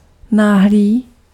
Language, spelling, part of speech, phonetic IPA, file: Czech, náhlý, adjective, [ˈnaːɦliː], Cs-náhlý.ogg
- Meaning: sudden